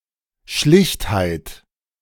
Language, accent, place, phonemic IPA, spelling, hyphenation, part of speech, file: German, Germany, Berlin, /ˈʃlɪçthaɪ̯t/, Schlichtheit, Schlicht‧heit, noun, De-Schlichtheit.ogg
- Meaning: simplicity